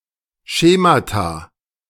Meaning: plural of Schema
- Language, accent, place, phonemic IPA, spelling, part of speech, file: German, Germany, Berlin, /ˈʃeːmata/, Schemata, noun, De-Schemata.ogg